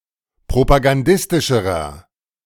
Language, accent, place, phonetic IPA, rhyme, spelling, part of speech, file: German, Germany, Berlin, [pʁopaɡanˈdɪstɪʃəʁɐ], -ɪstɪʃəʁɐ, propagandistischerer, adjective, De-propagandistischerer.ogg
- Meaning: inflection of propagandistisch: 1. strong/mixed nominative masculine singular comparative degree 2. strong genitive/dative feminine singular comparative degree